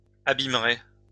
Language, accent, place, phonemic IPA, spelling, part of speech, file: French, France, Lyon, /a.bim.ʁe/, abîmerez, verb, LL-Q150 (fra)-abîmerez.wav
- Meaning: second-person plural simple future of abîmer